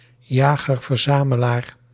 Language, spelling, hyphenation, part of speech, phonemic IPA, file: Dutch, jager-verzamelaar, ja‧ger-ver‧za‧me‧laar, noun, /ˌjaː.ɣər.vərˈzaː.mə.laːr/, Nl-jager-verzamelaar.ogg
- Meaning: a hunter-gatherer